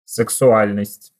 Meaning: sexuality (concern with or interest in sexual activity)
- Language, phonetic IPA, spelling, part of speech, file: Russian, [sɨksʊˈalʲnəsʲtʲ], сексуальность, noun, Ru-сексуальность.ogg